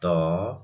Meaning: The thirtieth character in the Odia abugida
- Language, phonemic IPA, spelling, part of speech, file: Odia, /t̪ɔ/, ତ, character, Or-ତ.oga